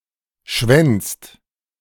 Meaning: inflection of schwänzen: 1. second/third-person singular present 2. second-person plural present 3. plural imperative
- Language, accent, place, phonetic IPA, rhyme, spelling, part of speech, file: German, Germany, Berlin, [ʃvɛnt͡st], -ɛnt͡st, schwänzt, verb, De-schwänzt.ogg